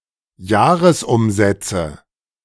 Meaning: nominative/accusative/genitive plural of Jahresumsatz
- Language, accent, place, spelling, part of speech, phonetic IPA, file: German, Germany, Berlin, Jahresumsätze, noun, [ˈjaːʁəsˌʔʊmzɛt͡sə], De-Jahresumsätze.ogg